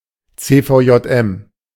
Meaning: YMCA
- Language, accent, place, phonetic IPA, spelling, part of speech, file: German, Germany, Berlin, [ˌt͡seːfaʊ̯jɔtˈʔɛm], CVJM, abbreviation, De-CVJM.ogg